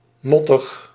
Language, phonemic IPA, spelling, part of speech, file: Dutch, /ˈmɔtəx/, mottig, adjective, Nl-mottig.ogg
- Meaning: 1. murky due to drizzle 2. ugly 3. nauseatic